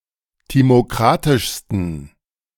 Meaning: 1. superlative degree of timokratisch 2. inflection of timokratisch: strong genitive masculine/neuter singular superlative degree
- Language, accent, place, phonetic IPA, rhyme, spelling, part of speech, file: German, Germany, Berlin, [ˌtimoˈkʁatɪʃstn̩], -atɪʃstn̩, timokratischsten, adjective, De-timokratischsten.ogg